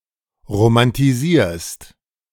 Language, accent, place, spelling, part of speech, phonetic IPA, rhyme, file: German, Germany, Berlin, romantisierst, verb, [ʁomantiˈziːɐ̯st], -iːɐ̯st, De-romantisierst.ogg
- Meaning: second-person singular present of romantisieren